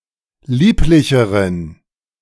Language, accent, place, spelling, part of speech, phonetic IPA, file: German, Germany, Berlin, lieblicheren, adjective, [ˈliːplɪçəʁən], De-lieblicheren.ogg
- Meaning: inflection of lieblich: 1. strong genitive masculine/neuter singular comparative degree 2. weak/mixed genitive/dative all-gender singular comparative degree